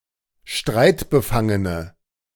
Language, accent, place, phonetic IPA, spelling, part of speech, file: German, Germany, Berlin, [ˈʃtʁaɪ̯tbəˌfaŋənə], streitbefangene, adjective, De-streitbefangene.ogg
- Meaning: inflection of streitbefangen: 1. strong/mixed nominative/accusative feminine singular 2. strong nominative/accusative plural 3. weak nominative all-gender singular